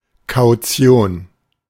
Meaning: 1. bail 2. caution 3. security deposit, damage deposit
- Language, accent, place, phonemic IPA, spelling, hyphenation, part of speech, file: German, Germany, Berlin, /kaʊ̯ˈt͡si̯oːn/, Kaution, Kau‧ti‧on, noun, De-Kaution.ogg